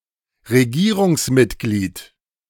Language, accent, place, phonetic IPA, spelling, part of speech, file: German, Germany, Berlin, [ʁeˈɡiːʁʊŋsˌmɪtɡliːt], Regierungsmitglied, noun, De-Regierungsmitglied.ogg
- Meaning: member of the government